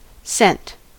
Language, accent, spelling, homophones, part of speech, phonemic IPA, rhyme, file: English, US, scent, cent / sent, noun / verb, /sɛnt/, -ɛnt, En-us-scent.ogg
- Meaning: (noun) 1. A distinctive smell 2. A smell left by an animal that may be used for tracing 3. The sense of smell 4. A substance (usually liquid) created to provide a pleasant smell